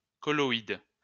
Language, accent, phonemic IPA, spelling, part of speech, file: French, France, /kɔ.lɔ.id/, colloïde, noun, LL-Q150 (fra)-colloïde.wav
- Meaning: colloid